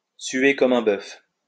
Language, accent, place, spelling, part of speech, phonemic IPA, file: French, France, Lyon, suer comme un bœuf, verb, /sɥe kɔ.m‿œ̃ bœf/, LL-Q150 (fra)-suer comme un bœuf.wav
- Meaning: to sweat like a pig